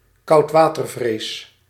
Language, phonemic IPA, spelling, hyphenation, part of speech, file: Dutch, /kɑu̯tˈʋaː.tərˌvreːs/, koudwatervrees, koud‧wa‧ter‧vrees, noun, Nl-koudwatervrees.ogg
- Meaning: excessive fear or trepidation about beginning something, fear of getting one's feet wet